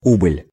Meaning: 1. diminution, decrease 2. subsidence 3. losses, casualties
- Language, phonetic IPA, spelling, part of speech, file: Russian, [ˈubɨlʲ], убыль, noun, Ru-убыль.ogg